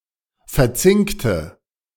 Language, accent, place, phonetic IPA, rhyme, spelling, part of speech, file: German, Germany, Berlin, [fɛɐ̯ˈt͡sɪŋktə], -ɪŋktə, verzinkte, adjective / verb, De-verzinkte.ogg
- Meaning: inflection of verzinkt: 1. strong/mixed nominative/accusative feminine singular 2. strong nominative/accusative plural 3. weak nominative all-gender singular